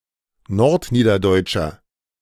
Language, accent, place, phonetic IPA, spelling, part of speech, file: German, Germany, Berlin, [ˈnɔʁtˌniːdɐdɔɪ̯t͡ʃɐ], nordniederdeutscher, adjective, De-nordniederdeutscher.ogg
- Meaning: inflection of nordniederdeutsch: 1. strong/mixed nominative masculine singular 2. strong genitive/dative feminine singular 3. strong genitive plural